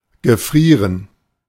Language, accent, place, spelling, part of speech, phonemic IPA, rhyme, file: German, Germany, Berlin, gefrieren, verb, /ɡəˈfʁiːʁən/, -iːʁən, De-gefrieren.ogg
- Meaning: to freeze (to become solid due to low temperature)